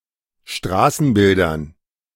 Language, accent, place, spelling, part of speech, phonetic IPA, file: German, Germany, Berlin, Straßenbildern, noun, [ˈʃtʁaːsn̩ˌbɪldɐn], De-Straßenbildern.ogg
- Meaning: dative plural of Straßenbild